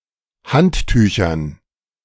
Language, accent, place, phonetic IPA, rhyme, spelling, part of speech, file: German, Germany, Berlin, [ˈhantˌtyːçɐn], -anttyːçɐn, Handtüchern, noun, De-Handtüchern.ogg
- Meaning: dative plural of Handtuch